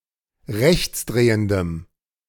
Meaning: strong dative masculine/neuter singular of rechtsdrehend
- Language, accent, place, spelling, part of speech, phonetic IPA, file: German, Germany, Berlin, rechtsdrehendem, adjective, [ˈʁɛçt͡sˌdʁeːəndəm], De-rechtsdrehendem.ogg